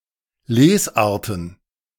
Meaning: plural of Lesart
- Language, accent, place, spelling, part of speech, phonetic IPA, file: German, Germany, Berlin, Lesarten, noun, [ˈleːsˌʔaːɐ̯tn̩], De-Lesarten.ogg